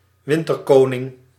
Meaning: 1. Eurasian wren (Troglodytes troglodytes) 2. wren (any bird of the Troglodytidae)
- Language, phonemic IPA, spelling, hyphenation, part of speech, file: Dutch, /ˈʋɪn.tərˌkoː.nɪŋ/, winterkoning, win‧ter‧ko‧ning, noun, Nl-winterkoning.ogg